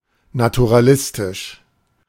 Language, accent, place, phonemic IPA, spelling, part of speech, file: German, Germany, Berlin, /natuʁaˈlɪstɪʃ/, naturalistisch, adjective, De-naturalistisch.ogg
- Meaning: naturalistic